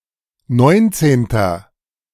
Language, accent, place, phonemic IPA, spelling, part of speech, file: German, Germany, Berlin, /ˈnɔɪ̯ntseːntɐ/, neunzehnter, numeral, De-neunzehnter.ogg
- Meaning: inflection of neunzehnte: 1. strong/mixed nominative masculine singular 2. strong genitive/dative feminine singular 3. strong genitive plural